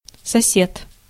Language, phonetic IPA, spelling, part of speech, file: Russian, [sɐˈsʲet], сосед, noun, Ru-сосед.ogg
- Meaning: neighbour